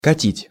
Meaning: 1. to roll, to push (some object with wheels) 2. to drive (quickly) 3. to bowl along 4. to fit, to work
- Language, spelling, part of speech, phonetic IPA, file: Russian, катить, verb, [kɐˈtʲitʲ], Ru-катить.ogg